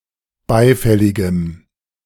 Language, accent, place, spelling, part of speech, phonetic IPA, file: German, Germany, Berlin, beifälligem, adjective, [ˈbaɪ̯ˌfɛlɪɡəm], De-beifälligem.ogg
- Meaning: strong dative masculine/neuter singular of beifällig